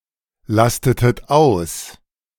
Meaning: inflection of auslasten: 1. second-person plural preterite 2. second-person plural subjunctive II
- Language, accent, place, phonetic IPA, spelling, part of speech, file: German, Germany, Berlin, [ˌlastətət ˈaʊ̯s], lastetet aus, verb, De-lastetet aus.ogg